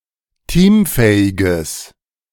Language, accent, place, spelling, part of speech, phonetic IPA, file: German, Germany, Berlin, teamfähiges, adjective, [ˈtiːmˌfɛːɪɡəs], De-teamfähiges.ogg
- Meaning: strong/mixed nominative/accusative neuter singular of teamfähig